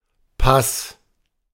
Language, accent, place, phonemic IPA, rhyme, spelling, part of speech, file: German, Germany, Berlin, /pas/, -as, Pass, noun, De-Pass.ogg
- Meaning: 1. pass, mountain pass 2. pace (2-beat, lateral gait of an animal) 3. pass (document granting permission to pass) 4. ellipsis of Reisepass 5. citizenship